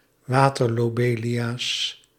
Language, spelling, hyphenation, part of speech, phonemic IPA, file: Dutch, waterlobelia, wa‧ter‧lo‧be‧lia, noun, /ˈʋaː.tər.loːˌbeː.li.aː/, Nl-waterlobelia.ogg
- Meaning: water lobelia, Lobelia dortmanna